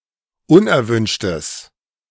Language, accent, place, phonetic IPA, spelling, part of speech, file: German, Germany, Berlin, [ˈʊnʔɛɐ̯ˌvʏnʃtəs], unerwünschtes, adjective, De-unerwünschtes.ogg
- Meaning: strong/mixed nominative/accusative neuter singular of unerwünscht